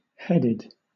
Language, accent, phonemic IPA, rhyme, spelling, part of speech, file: English, Southern England, /ˈhɛdɪd/, -ɛdɪd, headed, adjective / verb, LL-Q1860 (eng)-headed.wav
- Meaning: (adjective) 1. Of a sheet of paper: having the sender's name, address, etc. preprinted at the top 2. Having a head or brain with specified characteristics 3. Having hair of a specified color